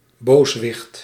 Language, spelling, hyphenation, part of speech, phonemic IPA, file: Dutch, booswicht, boos‧wicht, noun, /ˈboːs.ʋɪxt/, Nl-booswicht.ogg
- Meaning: wicked person, felon